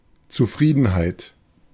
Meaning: contentment, satisfaction
- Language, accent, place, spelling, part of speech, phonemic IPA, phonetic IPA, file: German, Germany, Berlin, Zufriedenheit, noun, /tsuˈfʁiːdənˌhaɪ̯t/, [tsuˈfʁiːdn̩ˌhaɪ̯t], De-Zufriedenheit.ogg